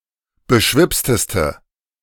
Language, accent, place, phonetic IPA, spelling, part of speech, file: German, Germany, Berlin, [bəˈʃvɪpstəstə], beschwipsteste, adjective, De-beschwipsteste.ogg
- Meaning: inflection of beschwipst: 1. strong/mixed nominative/accusative feminine singular superlative degree 2. strong nominative/accusative plural superlative degree